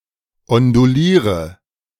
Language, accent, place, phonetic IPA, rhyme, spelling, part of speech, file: German, Germany, Berlin, [ɔnduˈliːʁə], -iːʁə, onduliere, verb, De-onduliere.ogg
- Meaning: inflection of ondulieren: 1. first-person singular present 2. singular imperative 3. first/third-person singular subjunctive I